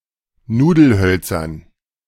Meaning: dative plural of Nudelholz
- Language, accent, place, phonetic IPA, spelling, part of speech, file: German, Germany, Berlin, [ˈnuːdl̩ˌhœlt͡sɐn], Nudelhölzern, noun, De-Nudelhölzern.ogg